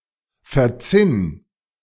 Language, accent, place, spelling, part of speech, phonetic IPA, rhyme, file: German, Germany, Berlin, verzinn, verb, [fɛɐ̯ˈt͡sɪn], -ɪn, De-verzinn.ogg
- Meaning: 1. singular imperative of verzinnen 2. first-person singular present of verzinnen